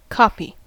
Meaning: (noun) The result of copying; an identical or nearly identical duplicate of an original
- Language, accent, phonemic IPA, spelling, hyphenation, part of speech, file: English, US, /ˈkɑpi/, copy, copy, noun / verb, En-us-copy.ogg